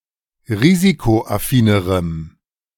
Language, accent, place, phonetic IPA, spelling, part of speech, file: German, Germany, Berlin, [ˈʁiːzikoʔaˌfiːnəʁəm], risikoaffinerem, adjective, De-risikoaffinerem.ogg
- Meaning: strong dative masculine/neuter singular comparative degree of risikoaffin